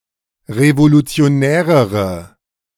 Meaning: inflection of revolutionär: 1. strong/mixed nominative/accusative feminine singular comparative degree 2. strong nominative/accusative plural comparative degree
- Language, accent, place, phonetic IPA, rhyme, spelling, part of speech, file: German, Germany, Berlin, [ʁevolut͡si̯oˈnɛːʁəʁə], -ɛːʁəʁə, revolutionärere, adjective, De-revolutionärere.ogg